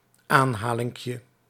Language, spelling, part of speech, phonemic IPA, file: Dutch, aanhalinkje, noun, /ˈanhalɪŋkjə/, Nl-aanhalinkje.ogg
- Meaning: diminutive of aanhaling